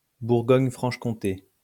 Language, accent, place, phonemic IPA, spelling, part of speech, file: French, France, Lyon, /buʁ.ɡɔɲ.fʁɑ̃ʃ.kɔ̃.te/, Bourgogne-Franche-Comté, proper noun, LL-Q150 (fra)-Bourgogne-Franche-Comté.wav
- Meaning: Bourgogne-Franche-Comté (an administrative region in eastern France, created in 2016 by the merger of Burgundy and Franche-Comté)